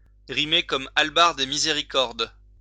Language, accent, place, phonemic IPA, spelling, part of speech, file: French, France, Lyon, /ʁi.me kɔm al.baʁd e mi.ze.ʁi.kɔʁd/, rimer comme hallebarde et miséricorde, verb, LL-Q150 (fra)-rimer comme hallebarde et miséricorde.wav
- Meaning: to make no sense, to have no rhyme or reason